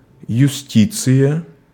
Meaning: justice
- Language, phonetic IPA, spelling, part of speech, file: Russian, [jʉˈsʲtʲit͡sɨjə], юстиция, noun, Ru-юстиция.ogg